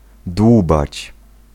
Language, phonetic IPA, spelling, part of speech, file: Polish, [ˈdwubat͡ɕ], dłubać, verb, Pl-dłubać.ogg